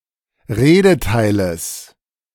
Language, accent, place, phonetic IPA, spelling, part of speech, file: German, Germany, Berlin, [ˈʁeːdəˌtaɪ̯ləs], Redeteiles, noun, De-Redeteiles.ogg
- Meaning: genitive singular of Redeteil